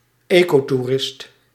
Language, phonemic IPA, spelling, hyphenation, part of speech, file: Dutch, /ˈeː.koː.tuˌrɪst/, ecotoerist, eco‧toe‧rist, noun, Nl-ecotoerist.ogg
- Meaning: ecotourist